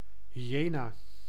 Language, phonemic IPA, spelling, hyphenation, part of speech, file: Dutch, /ɦiˈjeːnaː/, hyena, hy‧e‧na, noun, Nl-hyena.ogg
- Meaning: hyena, any member of the family Hyaenidae